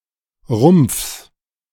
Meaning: genitive singular of Rumpf
- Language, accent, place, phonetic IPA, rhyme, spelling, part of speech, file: German, Germany, Berlin, [ʁʊmp͡fs], -ʊmp͡fs, Rumpfs, noun, De-Rumpfs.ogg